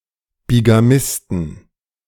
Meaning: plural of Bigamist
- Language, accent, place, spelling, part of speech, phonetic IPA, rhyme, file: German, Germany, Berlin, Bigamisten, noun, [biɡaˈmɪstn̩], -ɪstn̩, De-Bigamisten.ogg